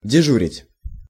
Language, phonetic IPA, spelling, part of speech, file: Russian, [dʲɪˈʐurʲɪtʲ], дежурить, verb, Ru-дежурить.ogg
- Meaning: to be on duty, to keep vigil, to keep watch